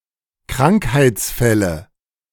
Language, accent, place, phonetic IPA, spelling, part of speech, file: German, Germany, Berlin, [ˈkʁaŋkhaɪ̯t͡sˌfɛlə], Krankheitsfälle, noun, De-Krankheitsfälle.ogg
- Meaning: nominative/accusative/genitive plural of Krankheitsfall